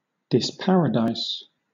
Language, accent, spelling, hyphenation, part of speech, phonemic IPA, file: English, Southern England, disparadise, dis‧pa‧ra‧dise, verb, /dɪsˈpæɹədaɪs/, LL-Q1860 (eng)-disparadise.wav
- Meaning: To expel or remove from paradise